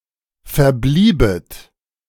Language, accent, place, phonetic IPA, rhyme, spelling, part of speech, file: German, Germany, Berlin, [fɛɐ̯ˈbliːbət], -iːbət, verbliebet, verb, De-verbliebet.ogg
- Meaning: second-person plural subjunctive II of verbleiben